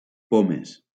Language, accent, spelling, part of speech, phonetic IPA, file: Catalan, Valencia, pomes, noun, [ˈpo.mes], LL-Q7026 (cat)-pomes.wav
- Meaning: plural of poma